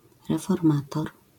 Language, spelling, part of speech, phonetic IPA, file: Polish, reformator, noun, [ˌrɛfɔrˈmatɔr], LL-Q809 (pol)-reformator.wav